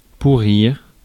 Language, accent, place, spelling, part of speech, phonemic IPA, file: French, France, Paris, pourrir, verb, /pu.ʁiʁ/, Fr-pourrir.ogg
- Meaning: 1. to rot, decompose, putrefy, crumble 2. to waste away from a disease such as gangrene